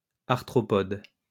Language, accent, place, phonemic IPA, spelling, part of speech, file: French, France, Lyon, /aʁ.tʁɔ.pɔd/, arthropode, noun, LL-Q150 (fra)-arthropode.wav
- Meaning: arthropod